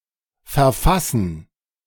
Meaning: to write, to compose, to draft, to prepare
- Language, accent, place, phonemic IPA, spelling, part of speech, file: German, Germany, Berlin, /fɛɐ̯ˈfasn̩/, verfassen, verb, De-verfassen.ogg